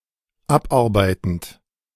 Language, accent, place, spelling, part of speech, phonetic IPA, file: German, Germany, Berlin, abarbeitend, verb, [ˈapˌʔaʁbaɪ̯tn̩t], De-abarbeitend.ogg
- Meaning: present participle of abarbeiten